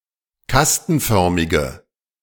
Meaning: inflection of kastenförmig: 1. strong/mixed nominative/accusative feminine singular 2. strong nominative/accusative plural 3. weak nominative all-gender singular
- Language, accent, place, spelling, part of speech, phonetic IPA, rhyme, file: German, Germany, Berlin, kastenförmige, adjective, [ˈkastn̩ˌfœʁmɪɡə], -astn̩fœʁmɪɡə, De-kastenförmige.ogg